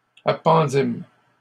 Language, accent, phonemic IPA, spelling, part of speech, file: French, Canada, /a.pɑ̃.dim/, appendîmes, verb, LL-Q150 (fra)-appendîmes.wav
- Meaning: first-person plural past historic of appendre